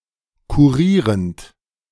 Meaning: present participle of kurieren
- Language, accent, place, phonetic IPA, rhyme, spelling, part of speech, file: German, Germany, Berlin, [kuˈʁiːʁənt], -iːʁənt, kurierend, verb, De-kurierend.ogg